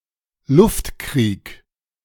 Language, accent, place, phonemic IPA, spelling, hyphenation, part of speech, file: German, Germany, Berlin, /ˈlʊftˌkʁiːk/, Luftkrieg, Luft‧krieg, noun, De-Luftkrieg.ogg
- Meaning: airwar, aerial warfare